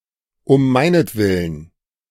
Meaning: for my sake
- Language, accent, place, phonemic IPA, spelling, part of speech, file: German, Germany, Berlin, /ʊm ˈmaɪ̯nətˌvɪlən/, um meinetwillen, adverb, De-um meinetwillen.ogg